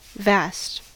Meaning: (adjective) 1. Very large or wide (literally or figuratively) 2. Very great in size, amount, degree, intensity, or especially extent 3. Waste; desert; desolate; lonely; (noun) A vast space
- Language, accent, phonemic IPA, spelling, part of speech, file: English, US, /væst/, vast, adjective / noun, En-us-vast.ogg